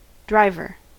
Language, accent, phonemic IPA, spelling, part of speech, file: English, US, /ˈdɹaɪvɚ/, driver, noun, En-us-driver.ogg
- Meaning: 1. One who drives something 2. One who drives something.: A person who drives a motorized vehicle such as a car, truck, bus, train, forklift, etc